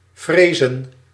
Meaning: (verb) to fear; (noun) plural of vrees
- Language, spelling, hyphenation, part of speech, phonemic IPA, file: Dutch, vrezen, vre‧zen, verb / noun, /ˈvreː.zə(n)/, Nl-vrezen.ogg